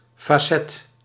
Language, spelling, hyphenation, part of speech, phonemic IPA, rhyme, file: Dutch, facet, fa‧cet, noun, /faːˈsɛt/, -ɛt, Nl-facet.ogg
- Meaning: facet